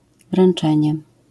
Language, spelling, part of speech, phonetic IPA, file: Polish, wręczenie, noun, [vrɛ̃n͇ˈt͡ʃɛ̃ɲɛ], LL-Q809 (pol)-wręczenie.wav